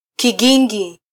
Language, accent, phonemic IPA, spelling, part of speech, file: Swahili, Kenya, /kiˈɠi.ᵑɡi/, kigingi, noun, Sw-ke-kigingi.flac
- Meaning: 1. peg, stake 2. bollard, roadblock